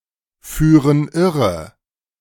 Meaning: inflection of irreführen: 1. first/third-person plural present 2. first/third-person plural subjunctive I
- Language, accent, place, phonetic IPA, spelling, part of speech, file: German, Germany, Berlin, [ˌfyːʁən ˈɪʁə], führen irre, verb, De-führen irre.ogg